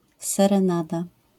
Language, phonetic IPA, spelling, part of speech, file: Polish, [ˌsɛrɛ̃ˈnada], serenada, noun, LL-Q809 (pol)-serenada.wav